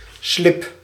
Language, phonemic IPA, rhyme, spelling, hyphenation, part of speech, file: Dutch, /slɪp/, -ɪp, slip, slip, noun / verb, Nl-slip.ogg
- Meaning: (noun) 1. a pair of briefs; a short type of underpants which covers the buttocks but nothing below 2. a pair of knickers or panties; any female underpants